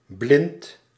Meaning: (adjective) blind (unable to see); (noun) window shutter
- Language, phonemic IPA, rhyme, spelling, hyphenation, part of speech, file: Dutch, /blɪnt/, -ɪnt, blind, blind, adjective / noun, Nl-blind.ogg